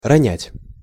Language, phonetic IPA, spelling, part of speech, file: Russian, [rɐˈnʲætʲ], ронять, verb, Ru-ронять.ogg
- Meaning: to drop (something), usually unintentionally